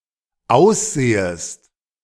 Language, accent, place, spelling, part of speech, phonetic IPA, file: German, Germany, Berlin, aussehest, verb, [ˈaʊ̯sˌz̥eːəst], De-aussehest.ogg
- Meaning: second-person singular dependent subjunctive I of aussehen